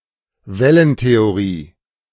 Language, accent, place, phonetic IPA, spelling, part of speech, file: German, Germany, Berlin, [ˈvɛlənteoˌʁiː], Wellentheorie, noun, De-Wellentheorie.ogg
- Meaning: wave model; wave theory